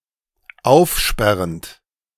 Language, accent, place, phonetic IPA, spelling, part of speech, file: German, Germany, Berlin, [ˈaʊ̯fˌʃpɛʁənt], aufsperrend, verb, De-aufsperrend.ogg
- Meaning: present participle of aufsperren